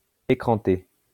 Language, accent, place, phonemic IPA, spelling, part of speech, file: French, France, Lyon, /e.kʁɑ̃.te/, écranter, verb, LL-Q150 (fra)-écranter.wav
- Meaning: to screen (especially from electromagnetic fields)